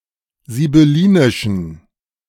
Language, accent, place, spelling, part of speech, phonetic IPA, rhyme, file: German, Germany, Berlin, sibyllinischen, adjective, [zibʏˈliːnɪʃn̩], -iːnɪʃn̩, De-sibyllinischen.ogg
- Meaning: inflection of sibyllinisch: 1. strong genitive masculine/neuter singular 2. weak/mixed genitive/dative all-gender singular 3. strong/weak/mixed accusative masculine singular 4. strong dative plural